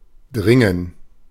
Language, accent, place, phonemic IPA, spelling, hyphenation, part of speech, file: German, Germany, Berlin, /ˈdʁɪŋən/, dringen, dring‧en, verb, De-dringen.ogg
- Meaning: 1. to insist; to press 2. to ooze; to seep 3. to penetrate, to force one’s way